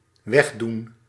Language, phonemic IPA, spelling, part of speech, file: Dutch, /ˈwɛɣ.dun/, wegdoen, verb, Nl-wegdoen.ogg
- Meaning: to put away, to clear away, to get rid of